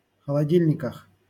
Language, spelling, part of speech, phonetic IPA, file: Russian, холодильниках, noun, [xəɫɐˈdʲilʲnʲɪkəx], LL-Q7737 (rus)-холодильниках.wav
- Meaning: prepositional plural of холоди́льник (xolodílʹnik)